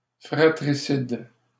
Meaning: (noun) 1. fratricide (crime of killing one's brother) 2. fratricide (person who commits this crime); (adjective) 1. fratricidal 2. internecine, fratricidal
- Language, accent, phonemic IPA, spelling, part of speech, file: French, Canada, /fʁa.tʁi.sid/, fratricide, noun / adjective, LL-Q150 (fra)-fratricide.wav